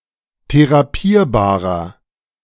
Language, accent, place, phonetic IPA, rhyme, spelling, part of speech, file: German, Germany, Berlin, [teʁaˈpiːɐ̯baːʁɐ], -iːɐ̯baːʁɐ, therapierbarer, adjective, De-therapierbarer.ogg
- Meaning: inflection of therapierbar: 1. strong/mixed nominative masculine singular 2. strong genitive/dative feminine singular 3. strong genitive plural